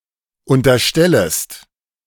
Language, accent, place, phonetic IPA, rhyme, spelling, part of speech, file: German, Germany, Berlin, [ˌʊntɐˈʃtɛləst], -ɛləst, unterstellest, verb, De-unterstellest.ogg
- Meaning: second-person singular subjunctive I of unterstellen